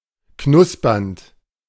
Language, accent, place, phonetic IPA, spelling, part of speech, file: German, Germany, Berlin, [ˈknʊspɐnt], knuspernd, verb, De-knuspernd.ogg
- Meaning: present participle of knuspern